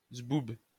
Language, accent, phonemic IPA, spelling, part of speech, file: French, France, /zbub/, zboub, noun, LL-Q150 (fra)-zboub.wav
- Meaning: alternative form of zboob